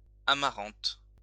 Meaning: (adjective) amaranth (color); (noun) 1. amaranth (herb) 2. purpleheart (tree) 3. amaranth (colour)
- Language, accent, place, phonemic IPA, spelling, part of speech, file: French, France, Lyon, /a.ma.ʁɑ̃t/, amarante, adjective / noun, LL-Q150 (fra)-amarante.wav